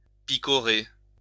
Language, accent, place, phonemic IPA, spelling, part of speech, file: French, France, Lyon, /pi.kɔ.ʁe/, picorer, verb, LL-Q150 (fra)-picorer.wav
- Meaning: 1. to maraud, pillage, rampage 2. to nibble, peck (of birds, or figuratively)